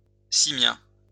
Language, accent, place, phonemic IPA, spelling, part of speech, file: French, France, Lyon, /si.mjɛ̃/, simien, adjective / noun, LL-Q150 (fra)-simien.wav
- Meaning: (adjective) simian; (noun) simian, monkey